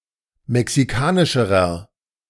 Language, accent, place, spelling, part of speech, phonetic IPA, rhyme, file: German, Germany, Berlin, mexikanischerer, adjective, [mɛksiˈkaːnɪʃəʁɐ], -aːnɪʃəʁɐ, De-mexikanischerer.ogg
- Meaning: inflection of mexikanisch: 1. strong/mixed nominative masculine singular comparative degree 2. strong genitive/dative feminine singular comparative degree 3. strong genitive plural comparative degree